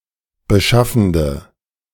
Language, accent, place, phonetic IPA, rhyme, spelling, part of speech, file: German, Germany, Berlin, [bəˈʃafn̩də], -afn̩də, beschaffende, adjective, De-beschaffende.ogg
- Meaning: inflection of beschaffend: 1. strong/mixed nominative/accusative feminine singular 2. strong nominative/accusative plural 3. weak nominative all-gender singular